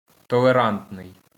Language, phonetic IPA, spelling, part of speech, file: Ukrainian, [tɔɫeˈrantnei̯], толерантний, adjective, LL-Q8798 (ukr)-толерантний.wav
- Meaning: tolerant